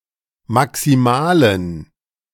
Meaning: inflection of maximal: 1. strong genitive masculine/neuter singular 2. weak/mixed genitive/dative all-gender singular 3. strong/weak/mixed accusative masculine singular 4. strong dative plural
- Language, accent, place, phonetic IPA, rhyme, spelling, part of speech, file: German, Germany, Berlin, [maksiˈmaːlən], -aːlən, maximalen, adjective, De-maximalen.ogg